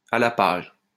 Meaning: up to date, in the know
- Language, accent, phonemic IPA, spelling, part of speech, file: French, France, /a la paʒ/, à la page, adjective, LL-Q150 (fra)-à la page.wav